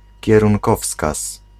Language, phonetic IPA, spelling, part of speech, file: Polish, [ˌcɛrũŋˈkɔfskas], kierunkowskaz, noun, Pl-kierunkowskaz.ogg